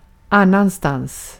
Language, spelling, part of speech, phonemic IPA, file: Swedish, annanstans, adverb, /ˈanːanstanːs/, Sv-annanstans.ogg
- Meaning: elsewhere; in another place